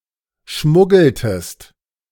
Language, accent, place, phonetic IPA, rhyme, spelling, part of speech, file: German, Germany, Berlin, [ˈʃmʊɡl̩təst], -ʊɡl̩təst, schmuggeltest, verb, De-schmuggeltest.ogg
- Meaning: inflection of schmuggeln: 1. second-person singular preterite 2. second-person singular subjunctive II